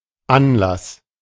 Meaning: 1. cause, starting, motive, occasion 2. occasion, event, gathering
- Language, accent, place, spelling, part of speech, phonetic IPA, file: German, Germany, Berlin, Anlass, noun, [ˈʔanlas], De-Anlass.ogg